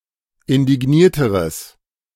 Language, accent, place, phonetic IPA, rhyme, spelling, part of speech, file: German, Germany, Berlin, [ɪndɪˈɡniːɐ̯təʁəs], -iːɐ̯təʁəs, indignierteres, adjective, De-indignierteres.ogg
- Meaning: strong/mixed nominative/accusative neuter singular comparative degree of indigniert